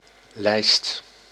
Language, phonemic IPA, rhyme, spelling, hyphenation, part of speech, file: Dutch, /lɛi̯st/, -ɛi̯st, lijst, lijst, noun, Nl-lijst.ogg
- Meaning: 1. list 2. picture frame